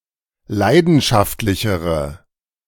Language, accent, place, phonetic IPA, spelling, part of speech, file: German, Germany, Berlin, [ˈlaɪ̯dn̩ʃaftlɪçəʁə], leidenschaftlichere, adjective, De-leidenschaftlichere.ogg
- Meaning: inflection of leidenschaftlich: 1. strong/mixed nominative/accusative feminine singular comparative degree 2. strong nominative/accusative plural comparative degree